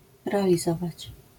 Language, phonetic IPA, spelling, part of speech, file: Polish, [ˌrɛalʲiˈzɔvat͡ɕ], realizować, verb, LL-Q809 (pol)-realizować.wav